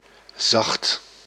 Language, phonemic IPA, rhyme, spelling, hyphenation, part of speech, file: Dutch, /zɑxt/, -ɑxt, zacht, zacht, adjective, Nl-zacht.ogg
- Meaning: 1. soft 2. gentle 3. mild (of weather) 4. with low calcium content (of water)